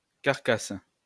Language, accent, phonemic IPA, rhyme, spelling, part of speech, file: French, France, /kaʁ.kas/, -as, carcasse, noun, LL-Q150 (fra)-carcasse.wav
- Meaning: 1. carcass (dead animal) 2. carcass; skeleton; bones (of a plan) 3. an assembly of pieces of wood, metal or another substance making up the framework of a construction